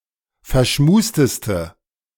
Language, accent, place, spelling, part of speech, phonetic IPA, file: German, Germany, Berlin, verschmusteste, adjective, [fɛɐ̯ˈʃmuːstəstə], De-verschmusteste.ogg
- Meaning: inflection of verschmust: 1. strong/mixed nominative/accusative feminine singular superlative degree 2. strong nominative/accusative plural superlative degree